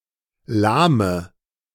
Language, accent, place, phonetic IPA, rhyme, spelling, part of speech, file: German, Germany, Berlin, [ˈlaːmə], -aːmə, lahme, adjective / verb, De-lahme.ogg
- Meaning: inflection of lahm: 1. strong/mixed nominative/accusative feminine singular 2. strong nominative/accusative plural 3. weak nominative all-gender singular 4. weak accusative feminine/neuter singular